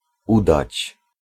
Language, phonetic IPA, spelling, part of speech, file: Polish, [ˈudat͡ɕ], udać, verb, Pl-udać.ogg